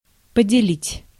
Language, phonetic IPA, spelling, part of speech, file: Russian, [pədʲɪˈlʲitʲ], поделить, verb, Ru-поделить.ogg
- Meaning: 1. to share 2. to divide up 3. to deal well with someone (usually used with the negative particle)